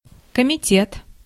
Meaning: committee
- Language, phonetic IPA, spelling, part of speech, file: Russian, [kəmʲɪˈtʲet], комитет, noun, Ru-комитет.ogg